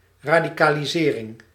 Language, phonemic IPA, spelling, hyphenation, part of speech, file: Dutch, /ˌradiˌkaliˈzerɪŋ/, radicalisering, ra‧di‧ca‧li‧se‧ring, noun, Nl-radicalisering.ogg
- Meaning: radicalization